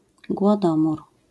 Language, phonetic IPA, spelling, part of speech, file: Polish, [ɡwɔˈdɔ̃mur], głodomór, noun, LL-Q809 (pol)-głodomór.wav